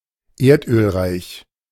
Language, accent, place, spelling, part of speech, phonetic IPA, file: German, Germany, Berlin, erdölreich, adjective, [ˈeːɐ̯tʔøːlˌʁaɪ̯ç], De-erdölreich.ogg
- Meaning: petroleum-rich, petroliferous